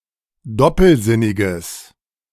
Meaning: strong/mixed nominative/accusative neuter singular of doppelsinnig
- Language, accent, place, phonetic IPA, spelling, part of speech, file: German, Germany, Berlin, [ˈdɔpl̩ˌzɪnɪɡəs], doppelsinniges, adjective, De-doppelsinniges.ogg